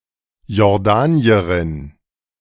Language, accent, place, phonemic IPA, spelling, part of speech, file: German, Germany, Berlin, /jɔʁˈdaːniɐʁɪn/, Jordanierin, noun, De-Jordanierin.ogg
- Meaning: Jordanian (female person from Jordan)